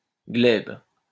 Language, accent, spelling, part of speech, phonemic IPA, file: French, France, glèbe, noun, /ɡlɛb/, LL-Q150 (fra)-glèbe.wav
- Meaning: 1. glebe 2. turf, territory